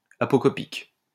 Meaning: apocopic
- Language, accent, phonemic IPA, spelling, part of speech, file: French, France, /a.pɔ.kɔ.pik/, apocopique, adjective, LL-Q150 (fra)-apocopique.wav